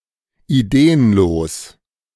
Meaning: lacking in ideas; idealess
- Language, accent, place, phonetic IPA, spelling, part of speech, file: German, Germany, Berlin, [iˈdeːənloːs], ideenlos, adjective, De-ideenlos.ogg